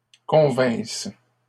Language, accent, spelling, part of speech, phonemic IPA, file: French, Canada, convinssent, verb, /kɔ̃.vɛ̃s/, LL-Q150 (fra)-convinssent.wav
- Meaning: third-person plural imperfect subjunctive of convenir